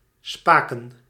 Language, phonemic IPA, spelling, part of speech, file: Dutch, /ˈspakə(n)/, spaken, verb / noun, Nl-spaken.ogg
- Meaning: plural of spaak